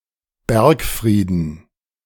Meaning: dative plural of Bergfried
- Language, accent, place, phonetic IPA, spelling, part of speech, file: German, Germany, Berlin, [ˈbɛʁkˌfʁiːdən], Bergfrieden, noun, De-Bergfrieden.ogg